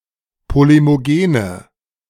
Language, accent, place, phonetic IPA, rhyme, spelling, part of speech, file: German, Germany, Berlin, [ˌpolemoˈɡeːnə], -eːnə, polemogene, adjective, De-polemogene.ogg
- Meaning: inflection of polemogen: 1. strong/mixed nominative/accusative feminine singular 2. strong nominative/accusative plural 3. weak nominative all-gender singular